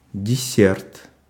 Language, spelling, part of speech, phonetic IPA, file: Russian, десерт, noun, [dʲɪˈsʲert], Ru-десерт.ogg
- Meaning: dessert